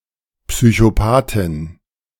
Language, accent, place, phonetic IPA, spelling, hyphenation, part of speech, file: German, Germany, Berlin, [psyçoˈpaːtɪn], Psychopathin, Psy‧cho‧pa‧thin, noun, De-Psychopathin.ogg
- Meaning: female equivalent of Psychopath